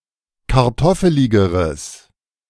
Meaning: strong/mixed nominative/accusative neuter singular comparative degree of kartoffelig
- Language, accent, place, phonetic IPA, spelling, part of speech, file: German, Germany, Berlin, [kaʁˈtɔfəlɪɡəʁəs], kartoffeligeres, adjective, De-kartoffeligeres.ogg